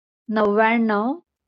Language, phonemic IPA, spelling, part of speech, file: Marathi, /nəʋ.ʋjaɳ.ɳəʋ/, नव्व्याण्णव, numeral, LL-Q1571 (mar)-नव्व्याण्णव.wav
- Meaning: ninety-nine